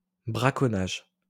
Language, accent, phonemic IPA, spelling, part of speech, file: French, France, /bʁa.kɔ.naʒ/, braconnage, noun, LL-Q150 (fra)-braconnage.wav
- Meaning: poaching (illegal hunting)